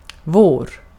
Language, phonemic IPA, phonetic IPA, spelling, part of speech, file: Swedish, /voːr/, [voə̯ɾ̪], vår, pronoun / noun, Sv-vår.ogg
- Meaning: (pronoun) our; belonging to us; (noun) spring (the season between winter and summer)